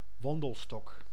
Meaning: walking stick
- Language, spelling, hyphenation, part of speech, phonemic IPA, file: Dutch, wandelstok, wan‧del‧stok, noun, /ˈʋɑndəlstɔk/, Nl-wandelstok.ogg